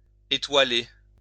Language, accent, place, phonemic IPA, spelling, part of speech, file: French, France, Lyon, /e.twa.le/, étoiler, verb, LL-Q150 (fra)-étoiler.wav
- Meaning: 1. to scatter or adorn with stars 2. synonym of consteller